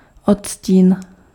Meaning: 1. shade (variety of color) 2. shade (subtle variation in a concept)
- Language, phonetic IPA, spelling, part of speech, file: Czech, [ˈotsciːn], odstín, noun, Cs-odstín.ogg